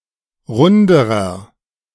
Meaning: inflection of rund: 1. strong/mixed nominative masculine singular comparative degree 2. strong genitive/dative feminine singular comparative degree 3. strong genitive plural comparative degree
- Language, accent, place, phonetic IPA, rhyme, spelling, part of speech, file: German, Germany, Berlin, [ˈʁʊndəʁɐ], -ʊndəʁɐ, runderer, adjective, De-runderer.ogg